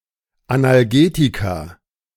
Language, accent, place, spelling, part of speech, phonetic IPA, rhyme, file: German, Germany, Berlin, Analgetika, noun, [analˈɡeːtika], -eːtika, De-Analgetika.ogg
- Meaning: plural of Analgetikum